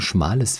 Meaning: strong/mixed nominative/accusative neuter singular of schmal
- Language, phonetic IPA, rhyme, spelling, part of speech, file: German, [ˈʃmaːləs], -aːləs, schmales, adjective, De-schmales.ogg